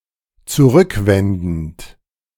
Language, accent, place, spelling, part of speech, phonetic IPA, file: German, Germany, Berlin, zurückwendend, verb, [t͡suˈʁʏkˌvɛndn̩t], De-zurückwendend.ogg
- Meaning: present participle of zurückwenden